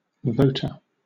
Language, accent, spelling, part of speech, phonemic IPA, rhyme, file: English, Southern England, voter, noun, /ˈvəʊtə(ɹ)/, -əʊtə(ɹ), LL-Q1860 (eng)-voter.wav
- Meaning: Someone who votes or is entitled to vote